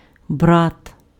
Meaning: 1. brother (biological sibling) 2. brother (member of the Christian brotherhood) 3. pal, mate
- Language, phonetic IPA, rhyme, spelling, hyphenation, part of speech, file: Ukrainian, [brat], -at, брат, брат, noun, Uk-брат.ogg